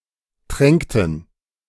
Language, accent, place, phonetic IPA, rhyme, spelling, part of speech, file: German, Germany, Berlin, [ˈtʁɛŋktn̩], -ɛŋktn̩, tränkten, verb, De-tränkten.ogg
- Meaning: inflection of tränken: 1. first/third-person plural preterite 2. first/third-person plural subjunctive II